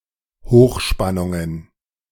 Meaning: plural of Hochspannung
- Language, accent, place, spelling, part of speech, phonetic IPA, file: German, Germany, Berlin, Hochspannungen, noun, [ˈhoːxˌʃpanʊŋən], De-Hochspannungen.ogg